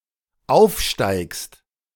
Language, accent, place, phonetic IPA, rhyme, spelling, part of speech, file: German, Germany, Berlin, [ˈaʊ̯fˌʃtaɪ̯kst], -aʊ̯fʃtaɪ̯kst, aufsteigst, verb, De-aufsteigst.ogg
- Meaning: second-person singular dependent present of aufsteigen